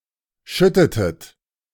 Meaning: inflection of schütten: 1. second-person plural preterite 2. second-person plural subjunctive II
- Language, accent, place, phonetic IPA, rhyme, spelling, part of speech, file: German, Germany, Berlin, [ˈʃʏtətət], -ʏtətət, schüttetet, verb, De-schüttetet.ogg